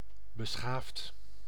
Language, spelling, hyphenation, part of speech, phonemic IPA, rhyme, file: Dutch, beschaafd, be‧schaafd, adjective / verb, /bəˈsxaːft/, -aːft, Nl-beschaafd.ogg
- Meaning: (adjective) 1. civilized, cultured 2. courteous, polite; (verb) past participle of beschaven